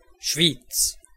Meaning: 1. Schwyz (a canton of Switzerland) 2. Schwyz (a town, the capital of Schwyz canton, Switzerland)
- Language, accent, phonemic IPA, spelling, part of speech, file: German, Switzerland, /ʃviːt͡s/, Schwyz, proper noun, De-Schwyz.ogg